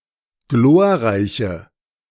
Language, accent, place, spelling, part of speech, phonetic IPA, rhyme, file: German, Germany, Berlin, glorreiche, adjective, [ˈɡloːɐ̯ˌʁaɪ̯çə], -oːɐ̯ʁaɪ̯çə, De-glorreiche.ogg
- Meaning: inflection of glorreich: 1. strong/mixed nominative/accusative feminine singular 2. strong nominative/accusative plural 3. weak nominative all-gender singular